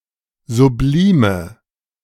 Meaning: inflection of sublim: 1. strong/mixed nominative/accusative feminine singular 2. strong nominative/accusative plural 3. weak nominative all-gender singular 4. weak accusative feminine/neuter singular
- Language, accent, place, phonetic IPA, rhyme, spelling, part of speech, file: German, Germany, Berlin, [zuˈbliːmə], -iːmə, sublime, adjective, De-sublime.ogg